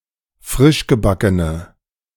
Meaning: inflection of frischgebacken: 1. strong/mixed nominative/accusative feminine singular 2. strong nominative/accusative plural 3. weak nominative all-gender singular
- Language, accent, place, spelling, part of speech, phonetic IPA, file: German, Germany, Berlin, frischgebackene, adjective, [ˈfʁɪʃɡəˌbakənə], De-frischgebackene.ogg